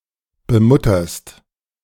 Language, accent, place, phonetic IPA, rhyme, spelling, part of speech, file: German, Germany, Berlin, [bəˈmʊtɐst], -ʊtɐst, bemutterst, verb, De-bemutterst.ogg
- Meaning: second-person singular present of bemuttern